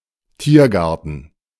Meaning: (noun) 1. deer park (enclosed park where deer were kept for hunting by the nobility) 2. zoo; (proper noun) a district of Berlin, Germany
- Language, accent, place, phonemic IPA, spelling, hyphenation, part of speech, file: German, Germany, Berlin, /ˈtiːɐ̯ˌɡaʁtn̩/, Tiergarten, Tier‧gar‧ten, noun / proper noun, De-Tiergarten.ogg